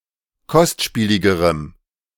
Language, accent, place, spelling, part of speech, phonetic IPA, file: German, Germany, Berlin, kostspieligerem, adjective, [ˈkɔstˌʃpiːlɪɡəʁəm], De-kostspieligerem.ogg
- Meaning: strong dative masculine/neuter singular comparative degree of kostspielig